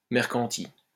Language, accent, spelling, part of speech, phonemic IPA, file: French, France, mercanti, noun, /mɛʁ.kɑ̃.ti/, LL-Q150 (fra)-mercanti.wav
- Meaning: profit monger (unscrupulous merchant)